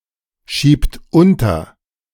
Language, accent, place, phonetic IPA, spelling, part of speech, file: German, Germany, Berlin, [ˌʃiːpt ˈʊntɐ], schiebt unter, verb, De-schiebt unter.ogg
- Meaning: inflection of unterschieben: 1. third-person singular present 2. second-person plural present 3. plural imperative